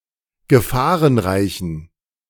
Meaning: inflection of gefahrenreich: 1. strong genitive masculine/neuter singular 2. weak/mixed genitive/dative all-gender singular 3. strong/weak/mixed accusative masculine singular 4. strong dative plural
- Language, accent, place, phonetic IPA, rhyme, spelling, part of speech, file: German, Germany, Berlin, [ɡəˈfaːʁənˌʁaɪ̯çn̩], -aːʁənʁaɪ̯çn̩, gefahrenreichen, adjective, De-gefahrenreichen.ogg